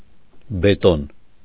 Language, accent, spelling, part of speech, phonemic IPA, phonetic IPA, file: Armenian, Eastern Armenian, բետոն, noun, /beˈton/, [betón], Hy-բետոն.ogg
- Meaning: concrete